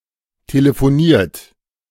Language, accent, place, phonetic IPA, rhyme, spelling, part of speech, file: German, Germany, Berlin, [teləfoˈniːɐ̯t], -iːɐ̯t, telefoniert, verb, De-telefoniert.ogg
- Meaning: 1. past participle of telefonieren 2. inflection of telefonieren: third-person singular present 3. inflection of telefonieren: second-person plural present